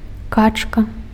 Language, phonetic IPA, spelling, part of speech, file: Belarusian, [ˈkat͡ʂka], качка, noun, Be-качка.ogg
- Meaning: duck